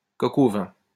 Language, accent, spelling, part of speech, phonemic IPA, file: French, France, coq au vin, noun, /kɔ.k‿o vɛ̃/, LL-Q150 (fra)-coq au vin.wav
- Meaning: a French braise of chicken cooked with wine, lardons, mushrooms, and sometimes garlic